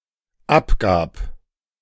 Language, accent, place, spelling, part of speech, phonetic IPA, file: German, Germany, Berlin, abgab, verb, [ˈapˌɡaːp], De-abgab.ogg
- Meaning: first/third-person singular dependent preterite of abgeben